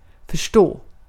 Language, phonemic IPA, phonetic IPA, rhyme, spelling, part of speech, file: Swedish, /fœrˈstoː/, [fœ̞ˈʂtoː], -oː, förstå, verb, Sv-förstå.ogg
- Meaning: to understand